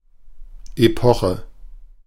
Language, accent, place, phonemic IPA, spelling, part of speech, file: German, Germany, Berlin, /eˈpɔχə/, Epoche, noun, De-Epoche.ogg
- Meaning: epoch